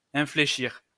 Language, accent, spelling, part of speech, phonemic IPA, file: French, France, infléchir, verb, /ɛ̃.fle.ʃiʁ/, LL-Q150 (fra)-infléchir.wav
- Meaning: 1. to bend (a thing), forming an elbow-shape 2. to change the state or direction of (a thing) by inclining, curving, or crossing